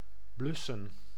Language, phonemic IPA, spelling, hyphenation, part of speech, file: Dutch, /ˈblʏsə(n)/, blussen, blus‧sen, verb, Nl-blussen.ogg
- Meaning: to extinguish, to put out